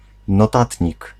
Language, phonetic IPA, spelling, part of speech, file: Polish, [nɔˈtatʲɲik], notatnik, noun, Pl-notatnik.ogg